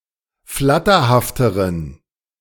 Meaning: inflection of flatterhaft: 1. strong genitive masculine/neuter singular comparative degree 2. weak/mixed genitive/dative all-gender singular comparative degree
- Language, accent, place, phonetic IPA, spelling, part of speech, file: German, Germany, Berlin, [ˈflatɐhaftəʁən], flatterhafteren, adjective, De-flatterhafteren.ogg